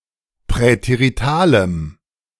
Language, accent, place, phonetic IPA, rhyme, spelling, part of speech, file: German, Germany, Berlin, [pʁɛteʁiˈtaːləm], -aːləm, präteritalem, adjective, De-präteritalem.ogg
- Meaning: strong dative masculine/neuter singular of präterital